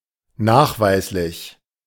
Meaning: demonstrable, verifiable
- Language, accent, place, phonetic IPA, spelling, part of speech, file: German, Germany, Berlin, [ˈnaːxˌvaɪ̯slɪç], nachweislich, adjective, De-nachweislich.ogg